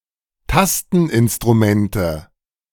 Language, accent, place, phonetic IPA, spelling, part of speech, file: German, Germany, Berlin, [ˈtastn̩ʔɪnstʁuˌmɛntə], Tasteninstrumente, noun, De-Tasteninstrumente.ogg
- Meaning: nominative/accusative/genitive plural of Tasteninstrument